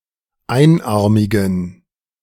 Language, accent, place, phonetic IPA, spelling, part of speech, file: German, Germany, Berlin, [ˈaɪ̯nˌʔaʁmɪɡn̩], einarmigen, adjective, De-einarmigen.ogg
- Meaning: inflection of einarmig: 1. strong genitive masculine/neuter singular 2. weak/mixed genitive/dative all-gender singular 3. strong/weak/mixed accusative masculine singular 4. strong dative plural